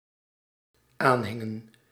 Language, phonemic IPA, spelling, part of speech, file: Dutch, /ˈanhɪŋə(n)/, aanhingen, verb, Nl-aanhingen.ogg
- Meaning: inflection of aanhangen: 1. plural dependent-clause past indicative 2. plural dependent-clause past subjunctive